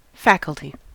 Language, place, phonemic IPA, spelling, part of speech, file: English, California, /ˈfæk.əl.ti/, faculty, noun, En-us-faculty.ogg
- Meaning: 1. The academic staff at schools, colleges, universities or not-for-profit research institutes, as opposed to the students or support staff 2. A division of a university 3. An ability, power, or skill